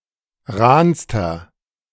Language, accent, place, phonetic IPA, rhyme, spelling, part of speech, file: German, Germany, Berlin, [ˈʁaːnstɐ], -aːnstɐ, rahnster, adjective, De-rahnster.ogg
- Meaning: inflection of rahn: 1. strong/mixed nominative masculine singular superlative degree 2. strong genitive/dative feminine singular superlative degree 3. strong genitive plural superlative degree